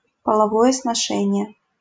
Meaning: sexual intercourse (sexual interaction)
- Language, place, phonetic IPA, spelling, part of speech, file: Russian, Saint Petersburg, [pəɫɐˈvojə snɐˈʂɛnʲɪje], половое сношение, noun, LL-Q7737 (rus)-половое сношение.wav